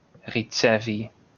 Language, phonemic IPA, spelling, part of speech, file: Esperanto, /riˈt͡sevi/, ricevi, verb, LL-Q143 (epo)-ricevi.wav